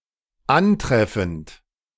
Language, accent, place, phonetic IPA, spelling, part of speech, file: German, Germany, Berlin, [ˈanˌtʁɛfn̩t], antreffend, verb, De-antreffend.ogg
- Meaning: present participle of antreffen